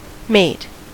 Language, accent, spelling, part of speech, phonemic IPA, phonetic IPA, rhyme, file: English, US, mate, noun / verb, /meɪt/, [meɪt], -eɪt, En-us-mate.ogg
- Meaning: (noun) 1. A fellow, comrade, colleague, partner or someone with whom something is shared, e.g. shipmate, classmate 2. A breeding partner 3. A friend, usually of the same sex